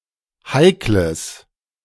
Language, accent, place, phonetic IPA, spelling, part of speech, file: German, Germany, Berlin, [ˈhaɪ̯kləs], heikles, adjective, De-heikles.ogg
- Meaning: strong/mixed nominative/accusative neuter singular of heikel